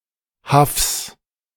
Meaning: genitive singular of Haff
- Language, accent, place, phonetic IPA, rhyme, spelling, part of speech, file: German, Germany, Berlin, [hafs], -afs, Haffs, noun, De-Haffs.ogg